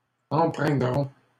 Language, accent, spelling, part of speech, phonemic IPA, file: French, Canada, empreindront, verb, /ɑ̃.pʁɛ̃.dʁɔ̃/, LL-Q150 (fra)-empreindront.wav
- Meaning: third-person plural simple future of empreindre